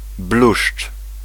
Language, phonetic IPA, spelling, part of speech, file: Polish, [bluʃt͡ʃ], bluszcz, noun, Pl-bluszcz.ogg